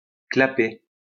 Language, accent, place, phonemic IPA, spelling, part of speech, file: French, France, Lyon, /kla.pe/, claper, verb, LL-Q150 (fra)-claper.wav
- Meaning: 1. to clap; to clack (make a clapping noise) 2. to eat